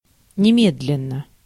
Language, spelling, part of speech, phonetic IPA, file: Russian, немедленно, adverb, [nʲɪˈmʲedlʲɪn(ː)ə], Ru-немедленно.ogg
- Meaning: immediately, at once, forthwith